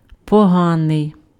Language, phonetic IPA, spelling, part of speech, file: Ukrainian, [pɔˈɦanei̯], поганий, adjective, Uk-поганий.ogg
- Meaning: bad